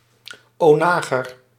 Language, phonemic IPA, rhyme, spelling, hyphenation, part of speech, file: Dutch, /oːˈnaː.ɣər/, -aːɣər, onager, ona‧ger, noun, Nl-onager.ogg
- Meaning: 1. onager, Asiatic wild ass, Equus hemionus 2. onager (Roman torsion catapult)